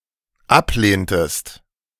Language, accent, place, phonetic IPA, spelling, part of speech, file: German, Germany, Berlin, [ˈapˌleːntəst], ablehntest, verb, De-ablehntest.ogg
- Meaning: inflection of ablehnen: 1. second-person singular dependent preterite 2. second-person singular dependent subjunctive II